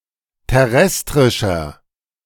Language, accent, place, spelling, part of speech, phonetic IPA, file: German, Germany, Berlin, terrestrischer, adjective, [tɛˈʁɛstʁɪʃɐ], De-terrestrischer.ogg
- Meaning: inflection of terrestrisch: 1. strong/mixed nominative masculine singular 2. strong genitive/dative feminine singular 3. strong genitive plural